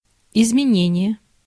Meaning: 1. change, modification, alteration 2. inflection
- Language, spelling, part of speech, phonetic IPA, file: Russian, изменение, noun, [ɪzmʲɪˈnʲenʲɪje], Ru-изменение.ogg